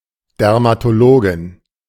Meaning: dermatologist (female)
- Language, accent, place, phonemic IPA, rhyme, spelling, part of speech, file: German, Germany, Berlin, /dɛʁmatoˈloːɡɪn/, -oːɡɪn, Dermatologin, noun, De-Dermatologin.ogg